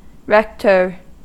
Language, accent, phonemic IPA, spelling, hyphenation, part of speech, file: English, US, /ˈɹɛktɚ/, rector, rec‧tor, noun, En-us-rector.ogg
- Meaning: In the Anglican Church, a cleric in charge of a parish and who owns the tithes of it